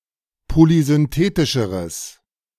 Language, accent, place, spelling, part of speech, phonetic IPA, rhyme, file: German, Germany, Berlin, polysynthetischeres, adjective, [polizʏnˈteːtɪʃəʁəs], -eːtɪʃəʁəs, De-polysynthetischeres.ogg
- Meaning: strong/mixed nominative/accusative neuter singular comparative degree of polysynthetisch